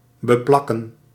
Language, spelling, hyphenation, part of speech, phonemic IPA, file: Dutch, beplakken, be‧plak‧ken, verb, /bəˈplɑkə(n)/, Nl-beplakken.ogg
- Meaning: 1. to glue together, to stick together 2. to stick something onto